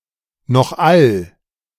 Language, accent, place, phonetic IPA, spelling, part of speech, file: German, Germany, Berlin, [nɔxˌal], nochall, conjunction, De-nochall.ogg
- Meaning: 1. namely 2. however